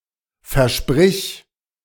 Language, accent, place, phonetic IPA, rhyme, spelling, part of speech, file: German, Germany, Berlin, [fɛɐ̯ˈʃpʁɪç], -ɪç, versprich, verb, De-versprich.ogg
- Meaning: singular imperative of versprechen